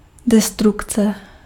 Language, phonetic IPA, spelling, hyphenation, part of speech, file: Czech, [ˈdɛstrukt͡sɛ], destrukce, de‧struk‧ce, noun, Cs-destrukce.ogg
- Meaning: destruction (act of destroying)